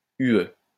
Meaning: EU (European Union)
- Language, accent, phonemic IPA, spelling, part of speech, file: French, France, /y.ø/, UE, proper noun, LL-Q150 (fra)-UE.wav